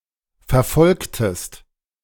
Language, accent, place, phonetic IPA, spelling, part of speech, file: German, Germany, Berlin, [fɛɐ̯ˈfɔlktəst], verfolgtest, verb, De-verfolgtest.ogg
- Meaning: inflection of verfolgen: 1. second-person singular preterite 2. second-person singular subjunctive II